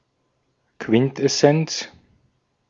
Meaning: quintessence: the essence of a thing
- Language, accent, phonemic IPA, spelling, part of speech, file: German, Austria, /ˈkvɪntʔɛˌsɛnt͡s/, Quintessenz, noun, De-at-Quintessenz.ogg